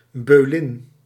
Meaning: 1. cruel woman 2. wife of an executioner
- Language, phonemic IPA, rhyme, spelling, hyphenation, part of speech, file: Dutch, /bøːˈlɪn/, -ɪn, beulin, beu‧lin, noun, Nl-beulin.ogg